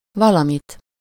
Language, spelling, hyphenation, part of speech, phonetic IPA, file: Hungarian, valamit, va‧la‧mit, pronoun, [ˈvɒlɒmit], Hu-valamit.ogg
- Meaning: accusative singular of valami